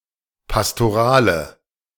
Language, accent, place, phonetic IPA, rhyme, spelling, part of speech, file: German, Germany, Berlin, [pastoˈʁaːlə], -aːlə, pastorale, adjective, De-pastorale.ogg
- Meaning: inflection of pastoral: 1. strong/mixed nominative/accusative feminine singular 2. strong nominative/accusative plural 3. weak nominative all-gender singular